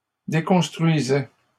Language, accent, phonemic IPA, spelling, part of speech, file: French, Canada, /de.kɔ̃s.tʁɥi.zɛ/, déconstruisais, verb, LL-Q150 (fra)-déconstruisais.wav
- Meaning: first/second-person singular imperfect indicative of déconstruire